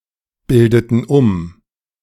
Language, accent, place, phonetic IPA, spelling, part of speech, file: German, Germany, Berlin, [ˌbɪldətn̩ ˈʊm], bildeten um, verb, De-bildeten um.ogg
- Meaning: inflection of umbilden: 1. first/third-person plural preterite 2. first/third-person plural subjunctive II